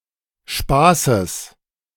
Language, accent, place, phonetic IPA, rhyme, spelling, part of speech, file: German, Germany, Berlin, [ˈʃpaːsəs], -aːsəs, Spaßes, noun, De-Spaßes.ogg
- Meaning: genitive singular of Spaß